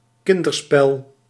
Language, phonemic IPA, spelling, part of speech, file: Dutch, /ˈkɪndərˌspɛl/, kinderspel, noun, Nl-kinderspel.ogg
- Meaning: 1. child's play (a children's game) 2. child's play (something easy to do)